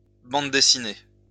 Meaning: plural of bande dessinée
- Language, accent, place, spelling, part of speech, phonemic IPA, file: French, France, Lyon, bandes dessinées, noun, /bɑ̃d de.si.ne/, LL-Q150 (fra)-bandes dessinées.wav